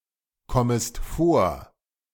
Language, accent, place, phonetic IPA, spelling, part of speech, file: German, Germany, Berlin, [ˌkɔməst ˈfoːɐ̯], kommest vor, verb, De-kommest vor.ogg
- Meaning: second-person singular subjunctive I of vorkommen